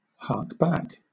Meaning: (verb) 1. Of hounds: to retrace a course in order to pick up the lost scent of prey 2. To return to where one has previously been; to retrace one's steps
- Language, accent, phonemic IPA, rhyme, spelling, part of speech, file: English, Southern England, /ˌhɑːk ˈbæk/, -æk, hark back, verb / noun, LL-Q1860 (eng)-hark back.wav